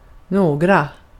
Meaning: 1. some; plural form of någon 2. any; plural form of någon
- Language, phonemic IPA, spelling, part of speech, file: Swedish, /ˈnoːˌ(ɡ)ra/, några, pronoun, Sv-några.ogg